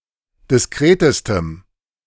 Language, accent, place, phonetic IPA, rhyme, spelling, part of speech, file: German, Germany, Berlin, [dɪsˈkʁeːtəstəm], -eːtəstəm, diskretestem, adjective, De-diskretestem.ogg
- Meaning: strong dative masculine/neuter singular superlative degree of diskret